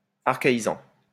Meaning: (verb) present participle of archaïser; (adjective) 1. archaic 2. archaistic; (noun) archaist
- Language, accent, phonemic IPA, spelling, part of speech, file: French, France, /aʁ.ka.i.zɑ̃/, archaïsant, verb / adjective / noun, LL-Q150 (fra)-archaïsant.wav